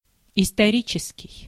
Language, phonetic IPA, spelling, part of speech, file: Russian, [ɪstɐˈrʲit͡ɕɪskʲɪj], исторический, adjective, Ru-исторический.ogg
- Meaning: 1. historic 2. historical